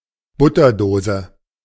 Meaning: butter dish
- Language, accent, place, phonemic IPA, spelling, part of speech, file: German, Germany, Berlin, /ˈbʊtɐˌdoːzə/, Butterdose, noun, De-Butterdose.ogg